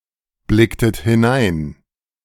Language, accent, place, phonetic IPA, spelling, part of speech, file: German, Germany, Berlin, [ˌblɪktət hɪˈnaɪ̯n], blicktet hinein, verb, De-blicktet hinein.ogg
- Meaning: inflection of hineinblicken: 1. second-person plural preterite 2. second-person plural subjunctive II